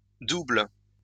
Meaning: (adjective) plural of double; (verb) second-person singular present indicative/subjunctive of doubler
- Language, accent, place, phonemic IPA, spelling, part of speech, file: French, France, Lyon, /dubl/, doubles, adjective / noun / verb, LL-Q150 (fra)-doubles.wav